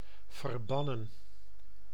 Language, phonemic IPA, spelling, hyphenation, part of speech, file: Dutch, /vərˈbɑ.nə(n)/, verbannen, ver‧ban‧nen, verb, Nl-verbannen.ogg
- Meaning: 1. to banish, exile 2. to consecrate, to dedicate to God and remove from human use 3. past participle of verbannen